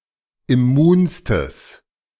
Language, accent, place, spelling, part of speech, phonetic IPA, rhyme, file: German, Germany, Berlin, immunstes, adjective, [ɪˈmuːnstəs], -uːnstəs, De-immunstes.ogg
- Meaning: strong/mixed nominative/accusative neuter singular superlative degree of immun